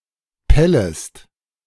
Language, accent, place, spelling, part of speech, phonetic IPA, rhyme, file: German, Germany, Berlin, pellest, verb, [ˈpɛləst], -ɛləst, De-pellest.ogg
- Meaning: second-person singular subjunctive I of pellen